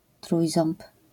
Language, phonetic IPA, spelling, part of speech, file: Polish, [ˈtrujzɔ̃mp], trójząb, noun, LL-Q809 (pol)-trójząb.wav